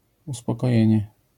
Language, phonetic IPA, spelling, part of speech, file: Polish, [ˌuspɔkɔˈjɛ̇̃ɲɛ], uspokojenie, noun, LL-Q809 (pol)-uspokojenie.wav